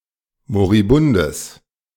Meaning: strong/mixed nominative/accusative neuter singular of moribund
- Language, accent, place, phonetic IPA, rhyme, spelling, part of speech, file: German, Germany, Berlin, [moʁiˈbʊndəs], -ʊndəs, moribundes, adjective, De-moribundes.ogg